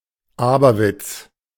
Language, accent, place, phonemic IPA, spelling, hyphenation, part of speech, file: German, Germany, Berlin, /ˈaːbɐˌvɪt͡s/, Aberwitz, Aber‧witz, noun, De-Aberwitz.ogg
- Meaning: ludicrousness, false wit, craziness